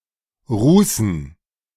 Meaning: dative plural of Ruß
- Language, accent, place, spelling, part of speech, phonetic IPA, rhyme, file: German, Germany, Berlin, Rußen, noun, [ˈʁuːsn̩], -uːsn̩, De-Rußen.ogg